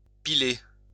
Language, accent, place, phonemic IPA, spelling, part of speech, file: French, France, Lyon, /pi.le/, piler, verb, LL-Q150 (fra)-piler.wav
- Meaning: 1. to crush 2. to slam on the brakes of a vehicle, making it come to a sudden stop